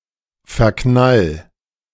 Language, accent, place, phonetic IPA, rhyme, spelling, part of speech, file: German, Germany, Berlin, [fɛɐ̯ˈknal], -al, verknall, verb, De-verknall.ogg
- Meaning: 1. singular imperative of verknallen 2. first-person singular present of verknallen